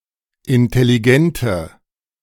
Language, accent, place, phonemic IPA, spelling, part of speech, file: German, Germany, Berlin, /ʔɪntɛliˈɡɛntə/, intelligente, adjective, De-intelligente.ogg
- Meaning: inflection of intelligent: 1. strong/mixed nominative/accusative feminine singular 2. strong nominative/accusative plural 3. weak nominative all-gender singular